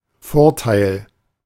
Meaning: 1. advantage, plus, benefit, perk (of a job) 2. profit, gain 3. advantage
- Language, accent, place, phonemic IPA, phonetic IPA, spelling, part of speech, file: German, Germany, Berlin, /ˈfɔʁˌtaɪ̯l/, [ˈfoːɐ̯ˌtaɪ̯l], Vorteil, noun, De-Vorteil.ogg